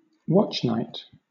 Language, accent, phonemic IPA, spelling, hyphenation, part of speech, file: English, Southern England, /ˈwɒtʃnaɪt/, watchnight, watch‧night, noun, LL-Q1860 (eng)-watchnight.wav